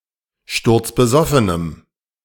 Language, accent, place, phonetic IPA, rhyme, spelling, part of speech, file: German, Germany, Berlin, [ˌʃtʊʁt͡sbəˈzɔfənəm], -ɔfənəm, sturzbesoffenem, adjective, De-sturzbesoffenem.ogg
- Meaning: strong dative masculine/neuter singular of sturzbesoffen